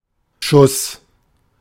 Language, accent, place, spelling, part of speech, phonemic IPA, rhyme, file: German, Germany, Berlin, Schuss, noun, /ʃʊs/, -ʊs, De-Schuss.ogg
- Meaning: 1. shot 2. ammunition 3. (mild) craziness 4. (sexually) attractive person, usually female 5. narcotic injection 6. schuss (straight run downhill) 7. dash (small quantity of a liquid)